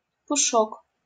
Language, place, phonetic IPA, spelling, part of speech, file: Russian, Saint Petersburg, [pʊˈʂok], пушок, noun, LL-Q7737 (rus)-пушок.wav
- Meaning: 1. down 2. fluff 3. bloom (on fruit)